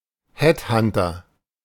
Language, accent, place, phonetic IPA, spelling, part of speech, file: German, Germany, Berlin, [ˈhɛtˌhantɐ], Headhunter, noun, De-Headhunter.ogg
- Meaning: headhunter